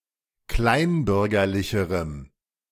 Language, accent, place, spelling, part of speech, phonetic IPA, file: German, Germany, Berlin, kleinbürgerlicherem, adjective, [ˈklaɪ̯nˌbʏʁɡɐlɪçəʁəm], De-kleinbürgerlicherem.ogg
- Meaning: strong dative masculine/neuter singular comparative degree of kleinbürgerlich